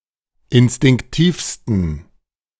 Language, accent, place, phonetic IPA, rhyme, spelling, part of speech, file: German, Germany, Berlin, [ɪnstɪŋkˈtiːfstn̩], -iːfstn̩, instinktivsten, adjective, De-instinktivsten.ogg
- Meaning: 1. superlative degree of instinktiv 2. inflection of instinktiv: strong genitive masculine/neuter singular superlative degree